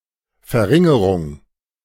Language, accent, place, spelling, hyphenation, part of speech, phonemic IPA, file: German, Germany, Berlin, Verringerung, Ver‧rin‧ge‧rung, noun, /fɛʁˈʁɪŋəʁʊŋ/, De-Verringerung.ogg
- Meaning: reduction, decrease